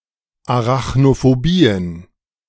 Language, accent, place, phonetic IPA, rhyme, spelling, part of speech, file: German, Germany, Berlin, [aʁaxnofoˈbiːən], -iːən, Arachnophobien, noun, De-Arachnophobien.ogg
- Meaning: plural of Arachnophobie